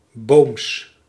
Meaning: local variant of Brabantian spoken in and near the Flemish town of Boom
- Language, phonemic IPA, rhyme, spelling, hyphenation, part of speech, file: Dutch, /boːms/, -oːms, Booms, Booms, proper noun, Nl-Booms.ogg